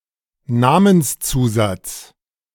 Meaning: suffix (in a personal name)
- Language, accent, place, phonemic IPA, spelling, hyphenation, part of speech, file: German, Germany, Berlin, /ˈnaːmənsˌt͡suːzat͡s/, Namenszusatz, Na‧mens‧zu‧satz, noun, De-Namenszusatz.ogg